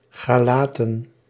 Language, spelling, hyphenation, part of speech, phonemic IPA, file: Dutch, Galaten, Ga‧la‧ten, proper noun / noun, /ˌɣaːˈlaː.tə(n)/, Nl-Galaten.ogg
- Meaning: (proper noun) Galatians (epistle in the New Testament); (noun) plural of Galaat